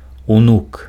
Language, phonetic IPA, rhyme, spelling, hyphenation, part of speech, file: Belarusian, [uˈnuk], -uk, унук, унук, noun, Be-унук.ogg
- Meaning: 1. grandson 2. descendants